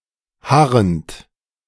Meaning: present participle of harren
- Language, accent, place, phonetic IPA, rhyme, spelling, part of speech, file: German, Germany, Berlin, [ˈhaʁənt], -aʁənt, harrend, verb, De-harrend.ogg